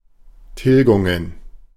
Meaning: plural of Tilgung
- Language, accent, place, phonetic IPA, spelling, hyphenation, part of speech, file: German, Germany, Berlin, [ˈtɪlɡʊŋən], Tilgungen, Til‧gun‧gen, noun, De-Tilgungen.ogg